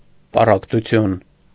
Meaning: division, separation, schism, rift
- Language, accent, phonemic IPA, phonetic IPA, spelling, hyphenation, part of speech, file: Armenian, Eastern Armenian, /pɑrɑktuˈtʰjun/, [pɑrɑktut͡sʰjún], պառակտություն, պա‧ռակ‧տու‧թյուն, noun, Hy-պառակտություն.ogg